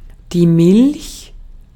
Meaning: 1. milk (white liquid produced by female mammals for their young to consume) 2. milk (white or whitish liquid that is exuded by certain plants)
- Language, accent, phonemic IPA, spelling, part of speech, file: German, Austria, /mɪlç/, Milch, noun, De-at-Milch.ogg